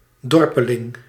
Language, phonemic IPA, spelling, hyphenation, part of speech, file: Dutch, /ˈdɔr.pəˌlɪŋ/, dorpeling, dor‧pe‧ling, noun, Nl-dorpeling.ogg
- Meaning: 1. villager 2. rustic, (simple) countryman 3. boor, country bumpkin, yokel